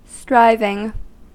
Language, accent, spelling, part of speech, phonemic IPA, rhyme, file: English, US, striving, verb / noun, /ˈstɹaɪvɪŋ/, -aɪvɪŋ, En-us-striving.ogg
- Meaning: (verb) present participle and gerund of strive; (noun) Effort; the act of one who strives